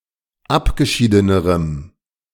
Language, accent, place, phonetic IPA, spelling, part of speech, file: German, Germany, Berlin, [ˈapɡəˌʃiːdənəʁəm], abgeschiedenerem, adjective, De-abgeschiedenerem.ogg
- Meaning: strong dative masculine/neuter singular comparative degree of abgeschieden